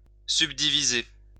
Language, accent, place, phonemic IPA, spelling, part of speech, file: French, France, Lyon, /syb.di.vi.ze/, subdiviser, verb, LL-Q150 (fra)-subdiviser.wav
- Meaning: to subdivide